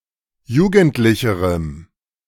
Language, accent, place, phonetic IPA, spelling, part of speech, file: German, Germany, Berlin, [ˈjuːɡn̩tlɪçəʁəm], jugendlicherem, adjective, De-jugendlicherem.ogg
- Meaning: strong dative masculine/neuter singular comparative degree of jugendlich